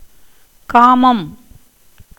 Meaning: 1. lust, sexual desire, amorousness, lasciviousness, libidinousness 2. sexual pleasure 3. venereal secretion 4. happiness in love 5. desire 6. object of desire
- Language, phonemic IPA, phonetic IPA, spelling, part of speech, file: Tamil, /kɑːmɐm/, [käːmɐm], காமம், noun, Ta-காமம்.ogg